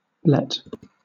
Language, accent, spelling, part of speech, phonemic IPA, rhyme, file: English, Southern England, blet, verb / noun, /blɛt/, -ɛt, LL-Q1860 (eng)-blet.wav
- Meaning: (verb) To undergo or cause to undergo bletting, a fermentation process in certain fruit beyond ripening; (noun) A soft spot on fruit caused by bletting